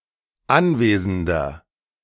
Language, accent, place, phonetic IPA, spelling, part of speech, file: German, Germany, Berlin, [ˈanˌveːzn̩dɐ], anwesender, adjective, De-anwesender.ogg
- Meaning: inflection of anwesend: 1. strong/mixed nominative masculine singular 2. strong genitive/dative feminine singular 3. strong genitive plural